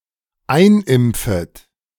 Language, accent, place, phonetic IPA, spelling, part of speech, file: German, Germany, Berlin, [ˈaɪ̯nˌʔɪmp͡fət], einimpfet, verb, De-einimpfet.ogg
- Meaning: second-person plural dependent subjunctive I of einimpfen